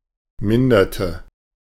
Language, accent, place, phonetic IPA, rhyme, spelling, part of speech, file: German, Germany, Berlin, [ˈmɪndɐtə], -ɪndɐtə, minderte, verb, De-minderte.ogg
- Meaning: inflection of mindern: 1. first/third-person singular preterite 2. first/third-person singular subjunctive II